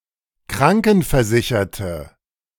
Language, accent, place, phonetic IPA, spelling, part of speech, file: German, Germany, Berlin, [ˈkʁaŋkn̩fɛɐ̯ˌzɪçɐtə], krankenversicherte, adjective, De-krankenversicherte.ogg
- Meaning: inflection of krankenversichert: 1. strong/mixed nominative/accusative feminine singular 2. strong nominative/accusative plural 3. weak nominative all-gender singular